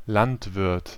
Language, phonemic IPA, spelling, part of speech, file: German, /ˈlantˌvɪʁt/, Landwirt, noun, De-Landwirt.ogg
- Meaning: farmer, agriculturist (male or of unspecified gender)